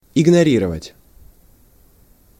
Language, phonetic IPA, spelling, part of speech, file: Russian, [ɪɡnɐˈrʲirəvətʲ], игнорировать, verb, Ru-игнорировать.ogg
- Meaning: to ignore, to disregard (to deliberately pay no attention to)